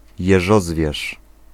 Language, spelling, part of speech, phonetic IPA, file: Polish, jeżozwierz, noun, [jɛˈʒɔzvʲjɛʃ], Pl-jeżozwierz.ogg